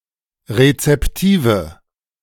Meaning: inflection of rezeptiv: 1. strong/mixed nominative/accusative feminine singular 2. strong nominative/accusative plural 3. weak nominative all-gender singular
- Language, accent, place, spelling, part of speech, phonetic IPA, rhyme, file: German, Germany, Berlin, rezeptive, adjective, [ʁet͡sɛpˈtiːvə], -iːvə, De-rezeptive.ogg